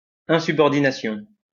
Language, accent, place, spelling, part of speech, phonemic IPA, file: French, France, Lyon, insubordination, noun, /ɛ̃.sy.bɔʁ.di.na.sjɔ̃/, LL-Q150 (fra)-insubordination.wav
- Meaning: insubordination